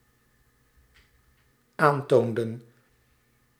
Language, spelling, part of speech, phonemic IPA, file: Dutch, aantoonden, verb, /ˈantondə(n)/, Nl-aantoonden.ogg
- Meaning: inflection of aantonen: 1. plural dependent-clause past indicative 2. plural dependent-clause past subjunctive